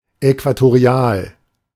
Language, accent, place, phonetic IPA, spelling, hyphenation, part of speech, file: German, Germany, Berlin, [ɛkvatoˈʁi̯aːl], äquatorial, äqua‧to‧ri‧al, adjective, De-äquatorial.ogg
- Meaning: equatorial